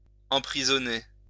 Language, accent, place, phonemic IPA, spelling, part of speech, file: French, France, Lyon, /ɑ̃.pʁi.zɔ.ne/, emprisonner, verb, LL-Q150 (fra)-emprisonner.wav
- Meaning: to imprison